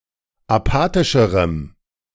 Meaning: strong dative masculine/neuter singular comparative degree of apathisch
- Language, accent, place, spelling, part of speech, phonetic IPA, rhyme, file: German, Germany, Berlin, apathischerem, adjective, [aˈpaːtɪʃəʁəm], -aːtɪʃəʁəm, De-apathischerem.ogg